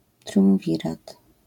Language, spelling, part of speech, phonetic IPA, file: Polish, triumwirat, noun, [trʲjũw̃ˈvʲirat], LL-Q809 (pol)-triumwirat.wav